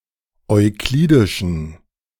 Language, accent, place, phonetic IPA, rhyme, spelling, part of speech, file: German, Germany, Berlin, [ɔɪ̯ˈkliːdɪʃn̩], -iːdɪʃn̩, euklidischen, adjective, De-euklidischen.ogg
- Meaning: inflection of euklidisch: 1. strong genitive masculine/neuter singular 2. weak/mixed genitive/dative all-gender singular 3. strong/weak/mixed accusative masculine singular 4. strong dative plural